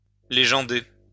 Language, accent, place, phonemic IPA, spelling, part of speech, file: French, France, Lyon, /le.ʒɑ̃.de/, légender, verb, LL-Q150 (fra)-légender.wav
- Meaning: to caption